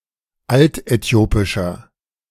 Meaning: inflection of altäthiopisch: 1. strong/mixed nominative masculine singular 2. strong genitive/dative feminine singular 3. strong genitive plural
- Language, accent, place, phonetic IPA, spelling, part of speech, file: German, Germany, Berlin, [ˈaltʔɛˌti̯oːpɪʃɐ], altäthiopischer, adjective, De-altäthiopischer.ogg